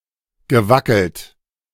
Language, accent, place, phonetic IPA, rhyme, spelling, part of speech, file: German, Germany, Berlin, [ɡəˈvakl̩t], -akl̩t, gewackelt, verb, De-gewackelt.ogg
- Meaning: past participle of wackeln